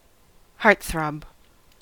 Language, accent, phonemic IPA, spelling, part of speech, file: English, US, /ˈhɑɹtˌθɹɑb/, heartthrob, noun, En-us-heartthrob.ogg
- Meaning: 1. A heartbeat 2. The object of one’s desires or infatuation; a sweetheart 3. A handsome male celebrity